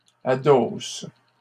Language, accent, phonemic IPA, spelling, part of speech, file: French, Canada, /a.dos/, adossent, verb, LL-Q150 (fra)-adossent.wav
- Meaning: third-person plural present indicative/subjunctive of adosser